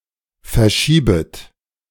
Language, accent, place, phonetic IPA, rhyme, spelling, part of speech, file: German, Germany, Berlin, [fɛɐ̯ˈʃiːbət], -iːbət, verschiebet, verb, De-verschiebet.ogg
- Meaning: second-person plural subjunctive I of verschieben